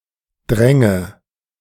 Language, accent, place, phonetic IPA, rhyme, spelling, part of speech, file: German, Germany, Berlin, [ˈdʁɛŋə], -ɛŋə, Dränge, noun, De-Dränge.ogg
- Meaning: nominative/accusative/genitive plural of Drang